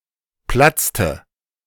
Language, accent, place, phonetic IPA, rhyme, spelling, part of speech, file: German, Germany, Berlin, [ˈplat͡stə], -at͡stə, platzte, verb, De-platzte.ogg
- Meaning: inflection of platzen: 1. first/third-person singular preterite 2. first/third-person singular subjunctive II